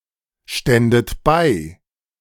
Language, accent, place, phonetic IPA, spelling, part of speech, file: German, Germany, Berlin, [ˌʃtɛndət ˈbaɪ̯], ständet bei, verb, De-ständet bei.ogg
- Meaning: second-person plural subjunctive II of beistehen